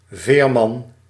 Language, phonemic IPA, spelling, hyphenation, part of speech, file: Dutch, /ˈveːr.mɑn/, veerman, veer‧man, noun, Nl-veerman.ogg
- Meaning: 1. ferryman 2. skipper